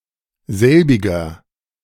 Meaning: inflection of selbig: 1. strong/mixed nominative masculine singular 2. strong genitive/dative feminine singular 3. strong genitive plural
- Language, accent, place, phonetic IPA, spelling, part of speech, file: German, Germany, Berlin, [ˈzɛlbɪɡɐ], selbiger, pronoun, De-selbiger.ogg